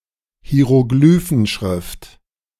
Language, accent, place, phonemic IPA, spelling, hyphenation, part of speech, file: German, Germany, Berlin, /hi̯eʁoˈɡlyːfn̩ˌʃʁɪft/, Hieroglyphenschrift, Hi‧e‧ro‧gly‧phen‧schrift, noun, De-Hieroglyphenschrift.ogg
- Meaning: hieroglyphic writing system